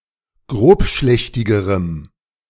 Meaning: strong dative masculine/neuter singular comparative degree of grobschlächtig
- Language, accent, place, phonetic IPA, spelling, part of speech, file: German, Germany, Berlin, [ˈɡʁoːpˌʃlɛçtɪɡəʁəm], grobschlächtigerem, adjective, De-grobschlächtigerem.ogg